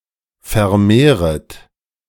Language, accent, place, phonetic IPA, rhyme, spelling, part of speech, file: German, Germany, Berlin, [fɛɐ̯ˈmeːʁət], -eːʁət, vermehret, verb, De-vermehret.ogg
- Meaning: second-person plural subjunctive I of vermehren